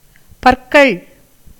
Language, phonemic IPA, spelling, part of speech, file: Tamil, /pɐrkɐɭ/, பற்கள், noun, Ta-பற்கள்.ogg
- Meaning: plural of பல் (pal)